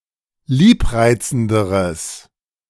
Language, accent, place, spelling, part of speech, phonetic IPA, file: German, Germany, Berlin, liebreizenderes, adjective, [ˈliːpˌʁaɪ̯t͡sn̩dəʁəs], De-liebreizenderes.ogg
- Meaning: strong/mixed nominative/accusative neuter singular comparative degree of liebreizend